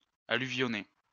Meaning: to deposit alluvium
- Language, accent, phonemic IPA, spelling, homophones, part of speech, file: French, France, /a.ly.vjɔ.ne/, alluvionner, alluvionnai / alluvionné / alluvionnée / alluvionnées / alluvionnés / alluvionnez, verb, LL-Q150 (fra)-alluvionner.wav